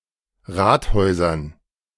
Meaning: dative plural of Rathaus
- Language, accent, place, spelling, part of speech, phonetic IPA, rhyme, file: German, Germany, Berlin, Rathäusern, noun, [ˈʁaːtˌhɔɪ̯zɐn], -aːthɔɪ̯zɐn, De-Rathäusern.ogg